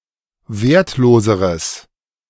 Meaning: strong/mixed nominative/accusative neuter singular comparative degree of wertlos
- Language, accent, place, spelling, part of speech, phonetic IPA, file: German, Germany, Berlin, wertloseres, adjective, [ˈveːɐ̯tˌloːzəʁəs], De-wertloseres.ogg